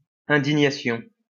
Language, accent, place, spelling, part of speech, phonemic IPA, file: French, France, Lyon, indignation, noun, /ɛ̃.di.ɲa.sjɔ̃/, LL-Q150 (fra)-indignation.wav
- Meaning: Indignation